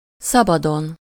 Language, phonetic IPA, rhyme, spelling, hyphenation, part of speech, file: Hungarian, [ˈsɒbɒdon], -on, szabadon, sza‧ba‧don, adverb / adjective, Hu-szabadon.ogg
- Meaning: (adverb) freely; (adjective) superessive singular of szabad